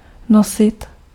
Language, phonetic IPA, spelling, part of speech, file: Czech, [ˈnosɪt], nosit, verb, Cs-nosit.ogg
- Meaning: 1. iterative of nést 2. to wear 3. to hold 4. to bring, carry